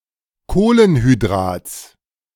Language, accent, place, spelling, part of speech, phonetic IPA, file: German, Germany, Berlin, Kohlenhydrats, noun, [ˈkoːlənhyˌdʁaːt͡s], De-Kohlenhydrats.ogg
- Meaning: genitive singular of Kohlenhydrat